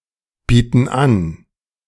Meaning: inflection of anbieten: 1. first/third-person plural present 2. first/third-person plural subjunctive I
- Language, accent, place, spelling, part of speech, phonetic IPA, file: German, Germany, Berlin, bieten an, verb, [ˌbiːtn̩ ˈan], De-bieten an.ogg